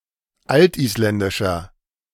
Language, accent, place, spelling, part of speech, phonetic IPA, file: German, Germany, Berlin, altisländischer, adjective, [ˈaltʔiːsˌlɛndɪʃɐ], De-altisländischer.ogg
- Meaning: inflection of altisländisch: 1. strong/mixed nominative masculine singular 2. strong genitive/dative feminine singular 3. strong genitive plural